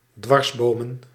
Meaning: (verb) to thwart, frustrate, get in the way of (block or hamper a course of action); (noun) plural of dwarsboom
- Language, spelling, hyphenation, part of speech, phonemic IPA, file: Dutch, dwarsbomen, dwars‧bo‧men, verb / noun, /ˈdʋɑrsˌboːmə(n)/, Nl-dwarsbomen.ogg